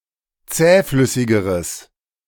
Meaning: strong/mixed nominative/accusative neuter singular comparative degree of zähflüssig
- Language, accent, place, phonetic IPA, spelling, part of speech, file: German, Germany, Berlin, [ˈt͡sɛːˌflʏsɪɡəʁəs], zähflüssigeres, adjective, De-zähflüssigeres.ogg